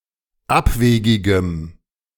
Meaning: strong dative masculine/neuter singular of abwegig
- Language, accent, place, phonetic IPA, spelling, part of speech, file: German, Germany, Berlin, [ˈapˌveːɡɪɡəm], abwegigem, adjective, De-abwegigem.ogg